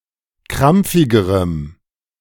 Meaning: strong dative masculine/neuter singular comparative degree of krampfig
- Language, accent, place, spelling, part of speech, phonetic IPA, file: German, Germany, Berlin, krampfigerem, adjective, [ˈkʁamp͡fɪɡəʁəm], De-krampfigerem.ogg